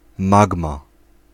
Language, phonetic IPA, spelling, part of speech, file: Polish, [ˈmaɡma], magma, noun, Pl-magma.ogg